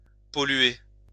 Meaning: 1. to pollute (create pollution) 2. to soil, to pollute (to defame)
- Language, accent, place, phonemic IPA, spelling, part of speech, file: French, France, Lyon, /pɔ.lɥe/, polluer, verb, LL-Q150 (fra)-polluer.wav